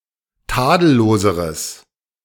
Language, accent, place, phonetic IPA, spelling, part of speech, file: German, Germany, Berlin, [ˈtaːdl̩ˌloːzəʁəs], tadelloseres, adjective, De-tadelloseres.ogg
- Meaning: strong/mixed nominative/accusative neuter singular comparative degree of tadellos